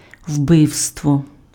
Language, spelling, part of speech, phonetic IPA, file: Ukrainian, вбивство, noun, [ˈwbɪu̯stwɔ], Uk-вбивство.ogg
- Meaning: 1. murder 2. homicide